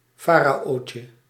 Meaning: diminutive of farao
- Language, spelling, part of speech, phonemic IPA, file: Dutch, faraootje, noun, /ˈfaraˌʔocə/, Nl-faraootje.ogg